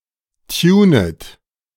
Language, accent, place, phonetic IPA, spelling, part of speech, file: German, Germany, Berlin, [ˈtjuːnət], tunet, verb, De-tunet.ogg
- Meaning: second-person plural subjunctive I of tunen